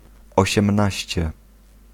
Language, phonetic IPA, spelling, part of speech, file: Polish, [ˌɔɕɛ̃mˈnaɕt͡ɕɛ], osiemnaście, adjective, Pl-osiemnaście.ogg